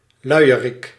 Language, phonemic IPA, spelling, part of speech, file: Dutch, /ˈlœyjərɪk/, luierik, noun / verb, Nl-luierik.ogg
- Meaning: a lazybones